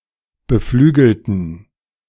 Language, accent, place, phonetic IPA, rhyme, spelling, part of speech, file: German, Germany, Berlin, [bəˈflyːɡl̩tn̩], -yːɡl̩tn̩, beflügelten, adjective / verb, De-beflügelten.ogg
- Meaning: inflection of beflügeln: 1. first/third-person plural preterite 2. first/third-person plural subjunctive II